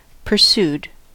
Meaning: simple past and past participle of pursue
- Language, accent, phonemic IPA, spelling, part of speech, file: English, US, /pɚˈsud/, pursued, verb, En-us-pursued.ogg